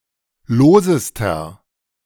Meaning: inflection of lose: 1. strong/mixed nominative masculine singular superlative degree 2. strong genitive/dative feminine singular superlative degree 3. strong genitive plural superlative degree
- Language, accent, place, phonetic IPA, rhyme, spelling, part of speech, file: German, Germany, Berlin, [ˈloːzəstɐ], -oːzəstɐ, losester, adjective, De-losester.ogg